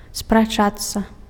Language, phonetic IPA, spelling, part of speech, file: Belarusian, [spraˈt͡ʂat͡sːa], спрачацца, verb, Be-спрачацца.ogg
- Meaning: to argue